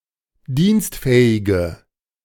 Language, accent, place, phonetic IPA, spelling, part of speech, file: German, Germany, Berlin, [ˈdiːnstˌfɛːɪɡə], dienstfähige, adjective, De-dienstfähige.ogg
- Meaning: inflection of dienstfähig: 1. strong/mixed nominative/accusative feminine singular 2. strong nominative/accusative plural 3. weak nominative all-gender singular